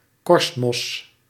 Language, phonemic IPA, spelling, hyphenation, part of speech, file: Dutch, /ˈkɔrst.mɔs/, korstmos, korst‧mos, noun, Nl-korstmos.ogg
- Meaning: lichen, symbiotic organism